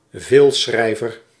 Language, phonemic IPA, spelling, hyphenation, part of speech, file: Dutch, /ˈveːlˌsxrɛi̯.vər/, veelschrijver, veel‧schrij‧ver, noun, Nl-veelschrijver.ogg
- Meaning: writer who authors many texts of low quality